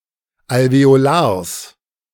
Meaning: genitive singular of Alveolar
- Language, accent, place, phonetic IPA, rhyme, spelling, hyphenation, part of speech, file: German, Germany, Berlin, [alveoˈlaːɐ̯s], -aːɐ̯s, Alveolars, Al‧ve‧o‧lars, noun, De-Alveolars.ogg